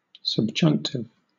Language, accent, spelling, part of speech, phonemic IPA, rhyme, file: English, Southern England, subjunctive, adjective / noun, /səbˈd͡ʒʌŋktɪv/, -ʌŋktɪv, LL-Q1860 (eng)-subjunctive.wav
- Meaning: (adjective) Inflected to indicate that an act or state of being is possible, contingent or hypothetical, and not a fact; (noun) 1. Ellipsis of subjunctive mood 2. A form in the subjunctive mood